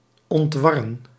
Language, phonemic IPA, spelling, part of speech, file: Dutch, /ˌɔntˈʋɑ.rə(n)/, ontwarren, verb, Nl-ontwarren.ogg
- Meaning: to untangle, to disentangle